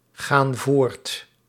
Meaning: inflection of voortgaan: 1. plural present indicative 2. plural present subjunctive
- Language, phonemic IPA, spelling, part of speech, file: Dutch, /ˈɣan ˈvort/, gaan voort, verb, Nl-gaan voort.ogg